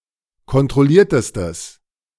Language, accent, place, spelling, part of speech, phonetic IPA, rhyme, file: German, Germany, Berlin, kontrolliertestes, adjective, [kɔntʁɔˈliːɐ̯təstəs], -iːɐ̯təstəs, De-kontrolliertestes.ogg
- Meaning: strong/mixed nominative/accusative neuter singular superlative degree of kontrolliert